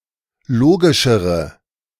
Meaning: inflection of logisch: 1. strong/mixed nominative/accusative feminine singular comparative degree 2. strong nominative/accusative plural comparative degree
- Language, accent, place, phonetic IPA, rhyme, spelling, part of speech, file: German, Germany, Berlin, [ˈloːɡɪʃəʁə], -oːɡɪʃəʁə, logischere, adjective, De-logischere.ogg